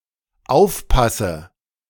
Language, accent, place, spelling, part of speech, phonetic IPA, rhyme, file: German, Germany, Berlin, aufpasse, verb, [ˈaʊ̯fˌpasə], -aʊ̯fpasə, De-aufpasse.ogg
- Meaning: inflection of aufpassen: 1. first-person singular dependent present 2. first/third-person singular dependent subjunctive I